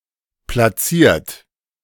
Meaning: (verb) past participle of platzieren; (adjective) placed, seated
- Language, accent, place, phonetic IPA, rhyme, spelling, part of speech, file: German, Germany, Berlin, [plaˈt͡siːɐ̯t], -iːɐ̯t, platziert, adjective / verb, De-platziert.ogg